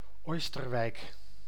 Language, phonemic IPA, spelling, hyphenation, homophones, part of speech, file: Dutch, /ˈoːs.tərˌʋɛi̯k/, Oisterwijk, Ois‧ter‧wijk, Oosterwijk, proper noun, Nl-Oisterwijk.ogg
- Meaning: a village and municipality of North Brabant, Netherlands